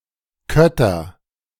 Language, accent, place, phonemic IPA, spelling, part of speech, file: German, Germany, Berlin, /ˈkœtɐ/, Kötter, noun, De-Kötter.ogg
- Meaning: tenant; cotter (farmer who dwells and works on a parcel of a wealthier farmer’s land)